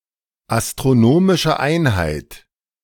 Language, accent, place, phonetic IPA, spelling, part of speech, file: German, Germany, Berlin, [astʁoˈnoːmɪʃə ˈaɪ̯nhaɪ̯t], Astronomische Einheit, phrase, De-Astronomische Einheit.ogg
- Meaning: astronomical unit